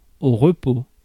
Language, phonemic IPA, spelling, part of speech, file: French, /ʁə.po/, repos, noun, Fr-repos.ogg
- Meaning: rest, ease, repose